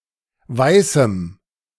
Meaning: dative singular of Weißer
- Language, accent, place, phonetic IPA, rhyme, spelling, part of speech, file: German, Germany, Berlin, [ˈvaɪ̯sm̩], -aɪ̯sm̩, Weißem, noun, De-Weißem.ogg